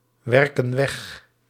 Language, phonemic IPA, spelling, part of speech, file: Dutch, /ˈwɛrkə(n) ˈwɛx/, werken weg, verb, Nl-werken weg.ogg
- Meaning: inflection of wegwerken: 1. plural present indicative 2. plural present subjunctive